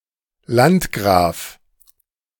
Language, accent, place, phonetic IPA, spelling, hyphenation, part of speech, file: German, Germany, Berlin, [ˈlantɡʁaːf], Landgraf, Land‧graf, noun, De-Landgraf.ogg
- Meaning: landgrave